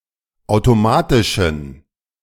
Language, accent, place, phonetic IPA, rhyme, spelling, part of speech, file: German, Germany, Berlin, [ˌaʊ̯toˈmaːtɪʃn̩], -aːtɪʃn̩, automatischen, adjective, De-automatischen.ogg
- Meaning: inflection of automatisch: 1. strong genitive masculine/neuter singular 2. weak/mixed genitive/dative all-gender singular 3. strong/weak/mixed accusative masculine singular 4. strong dative plural